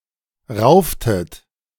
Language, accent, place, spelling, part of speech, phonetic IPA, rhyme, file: German, Germany, Berlin, rauftet, verb, [ˈʁaʊ̯ftət], -aʊ̯ftət, De-rauftet.ogg
- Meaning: inflection of raufen: 1. second-person plural preterite 2. second-person plural subjunctive II